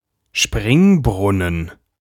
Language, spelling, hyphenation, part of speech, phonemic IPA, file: German, Springbrunnen, Spring‧brun‧nen, noun, /ˈʃpʁɪŋˌbʁʊnən/, De-Springbrunnen.ogg
- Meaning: 1. fountain (artificial water ornament) 2. a natural spring that spouts its water with some force